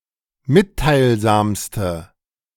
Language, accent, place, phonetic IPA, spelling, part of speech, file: German, Germany, Berlin, [ˈmɪttaɪ̯lˌzaːmstə], mitteilsamste, adjective, De-mitteilsamste.ogg
- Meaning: inflection of mitteilsam: 1. strong/mixed nominative/accusative feminine singular superlative degree 2. strong nominative/accusative plural superlative degree